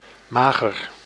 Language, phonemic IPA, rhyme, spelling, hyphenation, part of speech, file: Dutch, /ˈmaː.ɣər/, -aːɣər, mager, ma‧ger, adjective, Nl-mager.ogg
- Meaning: 1. lean, (nearly) without fat 2. meager, skinny, thin 3. poor, pitiful, skim 4. low-fat 5. infertile (said of soil); weak